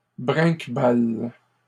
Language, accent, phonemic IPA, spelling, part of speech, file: French, Canada, /bʁɛ̃k.bal/, brinquebales, verb, LL-Q150 (fra)-brinquebales.wav
- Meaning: second-person singular present indicative/subjunctive of brinquebaler